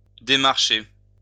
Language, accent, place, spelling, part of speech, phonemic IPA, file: French, France, Lyon, démarcher, verb, /de.maʁ.ʃe/, LL-Q150 (fra)-démarcher.wav
- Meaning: 1. to walk 2. to canvass